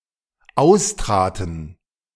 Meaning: first/third-person plural dependent preterite of austreten
- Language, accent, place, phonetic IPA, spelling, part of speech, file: German, Germany, Berlin, [ˈaʊ̯sˌtʁaːtn̩], austraten, verb, De-austraten.ogg